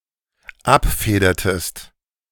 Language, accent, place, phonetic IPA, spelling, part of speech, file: German, Germany, Berlin, [ˈapˌfeːdɐtəst], abfedertest, verb, De-abfedertest.ogg
- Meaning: inflection of abfedern: 1. second-person singular dependent preterite 2. second-person singular dependent subjunctive II